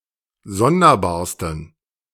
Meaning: 1. superlative degree of sonderbar 2. inflection of sonderbar: strong genitive masculine/neuter singular superlative degree
- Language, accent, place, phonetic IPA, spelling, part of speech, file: German, Germany, Berlin, [ˈzɔndɐˌbaːɐ̯stn̩], sonderbarsten, adjective, De-sonderbarsten.ogg